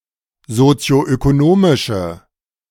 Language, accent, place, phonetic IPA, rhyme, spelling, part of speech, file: German, Germany, Berlin, [zot͡si̯oʔøkoˈnoːmɪʃə], -oːmɪʃə, sozioökonomische, adjective, De-sozioökonomische.ogg
- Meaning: inflection of sozioökonomisch: 1. strong/mixed nominative/accusative feminine singular 2. strong nominative/accusative plural 3. weak nominative all-gender singular